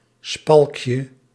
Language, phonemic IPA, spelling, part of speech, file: Dutch, /ˈspɑlᵊkjə/, spalkje, noun, Nl-spalkje.ogg
- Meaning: diminutive of spalk